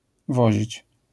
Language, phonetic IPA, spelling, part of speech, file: Polish, [ˈvɔʑit͡ɕ], wozić, verb, LL-Q809 (pol)-wozić.wav